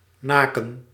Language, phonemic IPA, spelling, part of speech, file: Dutch, /ˈnaːkə(n)/, naken, verb, Nl-naken.ogg
- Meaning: to draw near, to approach, to be imminent